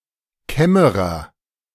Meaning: chamberlain
- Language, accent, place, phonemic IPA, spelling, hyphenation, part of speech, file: German, Germany, Berlin, /ˈkɛməʁɐ/, Kämmerer, Käm‧me‧rer, noun, De-Kämmerer.ogg